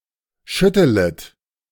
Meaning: second-person plural subjunctive I of schütteln
- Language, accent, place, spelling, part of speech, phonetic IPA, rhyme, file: German, Germany, Berlin, schüttelet, verb, [ˈʃʏtələt], -ʏtələt, De-schüttelet.ogg